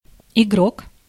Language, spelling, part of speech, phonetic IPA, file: Russian, игрок, noun, [ɪˈɡrok], Ru-игрок.ogg
- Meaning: 1. player 2. gambler